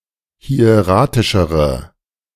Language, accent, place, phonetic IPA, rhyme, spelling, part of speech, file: German, Germany, Berlin, [hi̯eˈʁaːtɪʃəʁə], -aːtɪʃəʁə, hieratischere, adjective, De-hieratischere.ogg
- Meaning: inflection of hieratisch: 1. strong/mixed nominative/accusative feminine singular comparative degree 2. strong nominative/accusative plural comparative degree